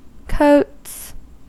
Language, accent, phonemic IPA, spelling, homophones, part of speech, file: English, US, /koʊts/, coats, Coates, noun / verb, En-us-coats.ogg
- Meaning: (noun) plural of coat; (verb) third-person singular simple present indicative of coat